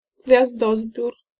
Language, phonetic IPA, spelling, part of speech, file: Polish, [ɡvʲjazˈdɔzbʲjur], gwiazdozbiór, noun, Pl-gwiazdozbiór.ogg